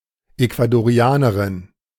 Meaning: Ecuadorian (woman from Ecuador)
- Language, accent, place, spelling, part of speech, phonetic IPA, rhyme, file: German, Germany, Berlin, Ecuadorianerin, noun, [eku̯adoˈʁi̯aːnəʁɪn], -aːnəʁɪn, De-Ecuadorianerin.ogg